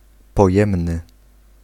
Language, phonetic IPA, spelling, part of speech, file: Polish, [pɔˈjɛ̃mnɨ], pojemny, adjective, Pl-pojemny.ogg